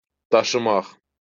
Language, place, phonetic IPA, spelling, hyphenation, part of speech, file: Azerbaijani, Baku, [dɑʃɯˈmɑχ], daşımaq, da‧şı‧maq, verb, LL-Q9292 (aze)-daşımaq.wav
- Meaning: 1. to carry 2. to bear (to sustain, or be answerable for) 3. to constitute, to be of (importance)